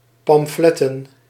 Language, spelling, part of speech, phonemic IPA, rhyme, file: Dutch, pamfletten, noun, /pɑmˈflɛtən/, -ɛtən, Nl-pamfletten.ogg
- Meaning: plural of pamflet